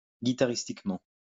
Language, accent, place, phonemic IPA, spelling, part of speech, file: French, France, Lyon, /ɡi.ta.ʁis.tik.mɑ̃/, guitaristiquement, adverb, LL-Q150 (fra)-guitaristiquement.wav
- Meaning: guitaristically